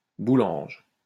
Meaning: inflection of boulanger: 1. first/third-person singular present indicative/subjunctive 2. second-person singular imperative
- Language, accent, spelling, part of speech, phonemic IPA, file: French, France, boulange, verb, /bu.lɑ̃ʒ/, LL-Q150 (fra)-boulange.wav